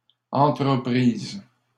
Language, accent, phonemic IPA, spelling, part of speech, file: French, Canada, /ɑ̃.tʁə.pʁiz/, entreprise, noun, LL-Q150 (fra)-entreprise.wav
- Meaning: 1. company, business 2. enterprise, project